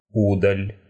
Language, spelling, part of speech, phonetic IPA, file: Russian, удаль, noun, [ˈudəlʲ], Ru-у́даль.ogg
- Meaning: prowess, boldness